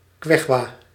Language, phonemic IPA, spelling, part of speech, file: Dutch, /ˈkɛtʃuwa/, Quechua, proper noun, Nl-Quechua.ogg
- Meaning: Quechua (language)